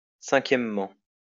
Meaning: fifthly
- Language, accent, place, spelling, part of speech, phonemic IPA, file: French, France, Lyon, cinquièmement, adverb, /sɛ̃.kjɛm.mɑ̃/, LL-Q150 (fra)-cinquièmement.wav